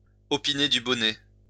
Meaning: to nod in agreement, to nod in approval, to approve
- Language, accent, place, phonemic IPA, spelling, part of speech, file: French, France, Lyon, /ɔ.pi.ne dy bɔ.nɛ/, opiner du bonnet, verb, LL-Q150 (fra)-opiner du bonnet.wav